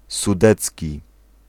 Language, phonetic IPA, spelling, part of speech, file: Polish, [suˈdɛt͡sʲci], sudecki, adjective, Pl-sudecki.ogg